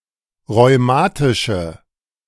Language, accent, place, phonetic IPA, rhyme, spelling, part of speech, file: German, Germany, Berlin, [ʁɔɪ̯ˈmaːtɪʃə], -aːtɪʃə, rheumatische, adjective, De-rheumatische.ogg
- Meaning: inflection of rheumatisch: 1. strong/mixed nominative/accusative feminine singular 2. strong nominative/accusative plural 3. weak nominative all-gender singular